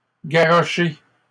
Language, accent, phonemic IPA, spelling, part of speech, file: French, Canada, /ɡa.ʁɔ.ʃe/, garrochée, verb, LL-Q150 (fra)-garrochée.wav
- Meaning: feminine singular of garroché